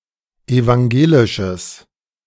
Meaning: strong/mixed nominative/accusative neuter singular of evangelisch
- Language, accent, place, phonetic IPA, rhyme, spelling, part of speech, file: German, Germany, Berlin, [evaŋˈɡeːlɪʃəs], -eːlɪʃəs, evangelisches, adjective, De-evangelisches.ogg